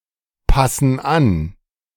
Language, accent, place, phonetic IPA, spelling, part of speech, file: German, Germany, Berlin, [ˌpasn̩ ˈan], passen an, verb, De-passen an.ogg
- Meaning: inflection of anpassen: 1. first/third-person plural present 2. first/third-person plural subjunctive I